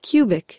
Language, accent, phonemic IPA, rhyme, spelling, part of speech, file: English, US, /ˈkju.bɪk/, -uːbɪk, cubic, adjective / noun, En-us-cubic.ogg
- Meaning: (adjective) 1. Used in the names of units of volume formed by multiplying a unit of length by itself twice 2. Relating to polynomials of the form ax³+bx²+cx+d